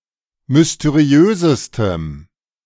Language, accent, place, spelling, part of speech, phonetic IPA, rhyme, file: German, Germany, Berlin, mysteriösestem, adjective, [mʏsteˈʁi̯øːzəstəm], -øːzəstəm, De-mysteriösestem.ogg
- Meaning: strong dative masculine/neuter singular superlative degree of mysteriös